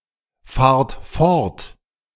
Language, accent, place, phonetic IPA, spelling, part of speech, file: German, Germany, Berlin, [ˌfaːɐ̯t ˈfɔʁt], fahrt fort, verb, De-fahrt fort.ogg
- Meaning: inflection of fortfahren: 1. second-person plural present 2. plural imperative